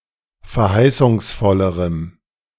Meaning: strong dative masculine/neuter singular comparative degree of verheißungsvoll
- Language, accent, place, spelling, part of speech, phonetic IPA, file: German, Germany, Berlin, verheißungsvollerem, adjective, [fɛɐ̯ˈhaɪ̯sʊŋsˌfɔləʁəm], De-verheißungsvollerem.ogg